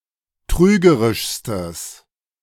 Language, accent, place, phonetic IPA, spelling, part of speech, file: German, Germany, Berlin, [ˈtʁyːɡəʁɪʃstəs], trügerischstes, adjective, De-trügerischstes.ogg
- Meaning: strong/mixed nominative/accusative neuter singular superlative degree of trügerisch